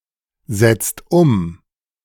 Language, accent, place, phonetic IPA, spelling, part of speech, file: German, Germany, Berlin, [ˌzɛt͡st ˈʊm], setzt um, verb, De-setzt um.ogg
- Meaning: inflection of umsetzen: 1. second-person singular/plural present 2. third-person singular present 3. plural imperative